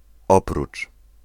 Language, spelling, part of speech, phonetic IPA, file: Polish, oprócz, preposition, [ˈɔprut͡ʃ], Pl-oprócz.ogg